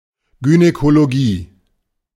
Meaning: 1. gynecology (no plural) 2. the gynecology department of a hospital (plural possible)
- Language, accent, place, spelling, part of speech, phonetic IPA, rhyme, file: German, Germany, Berlin, Gynäkologie, noun, [ɡynɛkoloˈɡiː], -iː, De-Gynäkologie.ogg